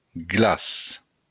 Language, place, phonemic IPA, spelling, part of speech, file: Occitan, Béarn, /ˈɡlas/, glaç, noun, LL-Q14185 (oci)-glaç.wav
- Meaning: alternative form of glaça (“ice”)